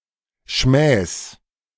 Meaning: genitive singular of Schmäh
- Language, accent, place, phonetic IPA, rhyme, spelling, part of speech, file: German, Germany, Berlin, [ʃmɛːs], -ɛːs, Schmähs, noun, De-Schmähs.ogg